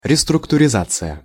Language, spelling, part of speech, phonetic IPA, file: Russian, реструктуризация, noun, [rʲɪstrʊktʊrʲɪˈzat͡sɨjə], Ru-реструктуризация.ogg
- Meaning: restructuring, restructure